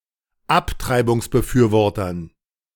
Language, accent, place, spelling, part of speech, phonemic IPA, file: German, Germany, Berlin, Abtreibungsbefürwortern, noun, /ˈaptʀaɪ̯bʊŋsbəˌfyːɐ̯vɔʁtn/, De-Abtreibungsbefürwortern.ogg
- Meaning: dative plural of Abtreibungsbefürworter